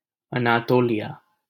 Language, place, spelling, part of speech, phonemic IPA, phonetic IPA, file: Hindi, Delhi, अनातोलिया, proper noun, /ə.nɑː.t̪oː.lɪ.jɑː/, [ɐ.näː.t̪oː.li.jäː], LL-Q1568 (hin)-अनातोलिया.wav